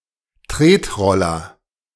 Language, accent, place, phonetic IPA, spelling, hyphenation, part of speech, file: German, Germany, Berlin, [ˈtʁeːtˌʁɔlɐ], Tretroller, Tret‧rol‧ler, noun, De-Tretroller.ogg
- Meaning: kick scooter, push scooter